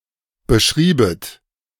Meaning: second-person plural subjunctive II of beschreiben
- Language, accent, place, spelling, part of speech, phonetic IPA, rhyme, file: German, Germany, Berlin, beschriebet, verb, [bəˈʃʁiːbət], -iːbət, De-beschriebet.ogg